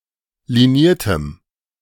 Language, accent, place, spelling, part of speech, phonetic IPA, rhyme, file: German, Germany, Berlin, liniertem, adjective, [liˈniːɐ̯təm], -iːɐ̯təm, De-liniertem.ogg
- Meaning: strong dative masculine/neuter singular of liniert